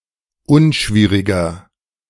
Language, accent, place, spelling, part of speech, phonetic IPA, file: German, Germany, Berlin, unschwieriger, adjective, [ˈʊnˌʃviːʁɪɡɐ], De-unschwieriger.ogg
- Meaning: 1. comparative degree of unschwierig 2. inflection of unschwierig: strong/mixed nominative masculine singular 3. inflection of unschwierig: strong genitive/dative feminine singular